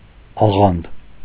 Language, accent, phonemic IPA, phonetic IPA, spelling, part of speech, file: Armenian, Eastern Armenian, /ɑˈʁɑnd/, [ɑʁɑ́nd], աղանդ, noun, Hy-աղանդ.ogg
- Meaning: 1. sect (a religious group sharing unorthodox religious beliefs) 2. cult 3. group of sect or cult members